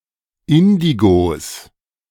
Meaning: 1. genitive singular of Indigo 2. plural of Indigo
- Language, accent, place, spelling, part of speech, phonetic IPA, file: German, Germany, Berlin, Indigos, noun, [ˈɪndiɡos], De-Indigos.ogg